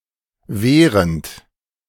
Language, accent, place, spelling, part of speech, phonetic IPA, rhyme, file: German, Germany, Berlin, wehrend, verb, [ˈveːʁənt], -eːʁənt, De-wehrend.ogg
- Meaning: present participle of wehren